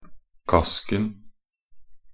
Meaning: definite singular of kask
- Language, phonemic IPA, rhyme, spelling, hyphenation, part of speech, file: Norwegian Bokmål, /ˈkaskn̩/, -askn̩, kasken, kask‧en, noun, Nb-kasken.ogg